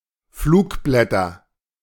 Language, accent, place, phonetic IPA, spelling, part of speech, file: German, Germany, Berlin, [ˈfluːkˌblɛtɐ], Flugblätter, noun, De-Flugblätter.ogg
- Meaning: nominative/accusative/genitive plural of Flugblatt